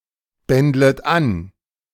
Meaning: second-person plural subjunctive I of anbändeln
- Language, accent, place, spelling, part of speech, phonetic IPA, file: German, Germany, Berlin, bändlet an, verb, [ˌbɛndlət ˈan], De-bändlet an.ogg